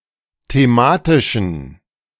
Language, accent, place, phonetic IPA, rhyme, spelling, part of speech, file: German, Germany, Berlin, [teˈmaːtɪʃn̩], -aːtɪʃn̩, thematischen, adjective, De-thematischen.ogg
- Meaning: inflection of thematisch: 1. strong genitive masculine/neuter singular 2. weak/mixed genitive/dative all-gender singular 3. strong/weak/mixed accusative masculine singular 4. strong dative plural